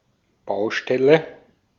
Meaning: 1. building site, construction site 2. matter 3. unfinished work, area that needs to be addressed
- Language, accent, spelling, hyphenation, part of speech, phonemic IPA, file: German, Austria, Baustelle, Bau‧stel‧le, noun, /ˈbaʊ̯ʃtɛlə/, De-at-Baustelle.ogg